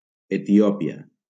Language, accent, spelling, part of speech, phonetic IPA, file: Catalan, Valencia, Etiòpia, proper noun, [e.tiˈɔ.pi.a], LL-Q7026 (cat)-Etiòpia.wav
- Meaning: Ethiopia (a country in East Africa)